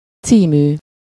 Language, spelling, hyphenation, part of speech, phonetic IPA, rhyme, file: Hungarian, című, cí‧mű, adjective, [ˈt͡siːmyː], -myː, Hu-című.ogg
- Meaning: titled